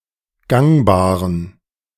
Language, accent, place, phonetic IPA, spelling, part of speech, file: German, Germany, Berlin, [ˈɡaŋbaːʁən], gangbaren, adjective, De-gangbaren.ogg
- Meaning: inflection of gangbar: 1. strong genitive masculine/neuter singular 2. weak/mixed genitive/dative all-gender singular 3. strong/weak/mixed accusative masculine singular 4. strong dative plural